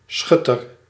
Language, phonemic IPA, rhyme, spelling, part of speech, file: Dutch, /ˈsxʏtər/, -ʏtər, schutter, noun, Nl-schutter.ogg
- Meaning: marksman, shooter